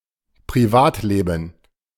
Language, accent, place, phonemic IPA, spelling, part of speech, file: German, Germany, Berlin, /priˈvaːtleːbm̩/, Privatleben, noun, De-Privatleben.ogg
- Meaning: personal life, private life